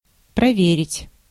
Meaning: to examine, to check, to control, to verify, to test, to audit
- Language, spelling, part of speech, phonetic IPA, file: Russian, проверить, verb, [prɐˈvʲerʲɪtʲ], Ru-проверить.ogg